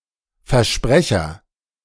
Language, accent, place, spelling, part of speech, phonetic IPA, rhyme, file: German, Germany, Berlin, Versprecher, noun, [fɛɐ̯ˈʃpʁɛçɐ], -ɛçɐ, De-Versprecher.ogg
- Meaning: slip of the tongue (mistake in speech)